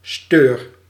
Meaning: 1. a sturgeon, fish of the genus Acipenser 2. the European sturgeon, Acipenser sturio
- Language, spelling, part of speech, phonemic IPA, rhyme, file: Dutch, steur, noun, /støːr/, -øːr, Nl-steur.ogg